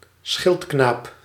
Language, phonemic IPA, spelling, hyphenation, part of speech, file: Dutch, /ˈsxɪltknaːp/, schildknaap, schild‧knaap, noun, Nl-schildknaap.ogg
- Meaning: 1. squire, a knight's attendant and/or apprentice 2. acolyte, sidekick, helper